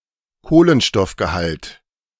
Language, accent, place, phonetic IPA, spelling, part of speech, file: German, Germany, Berlin, [ˈkoːlənʃtɔfɡəˌhalt], Kohlenstoffgehalt, noun, De-Kohlenstoffgehalt.ogg
- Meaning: carbon content